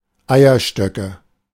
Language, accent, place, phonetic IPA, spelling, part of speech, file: German, Germany, Berlin, [ˈaɪ̯ɐˌʃtœkə], Eierstöcke, noun, De-Eierstöcke.ogg
- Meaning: nominative/accusative/genitive plural of Eierstock